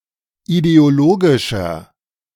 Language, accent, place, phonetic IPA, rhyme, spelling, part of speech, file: German, Germany, Berlin, [ideoˈloːɡɪʃɐ], -oːɡɪʃɐ, ideologischer, adjective, De-ideologischer.ogg
- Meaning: inflection of ideologisch: 1. strong/mixed nominative masculine singular 2. strong genitive/dative feminine singular 3. strong genitive plural